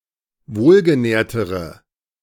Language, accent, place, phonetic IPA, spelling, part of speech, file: German, Germany, Berlin, [ˈvoːlɡəˌnɛːɐ̯təʁə], wohlgenährtere, adjective, De-wohlgenährtere.ogg
- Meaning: inflection of wohlgenährt: 1. strong/mixed nominative/accusative feminine singular comparative degree 2. strong nominative/accusative plural comparative degree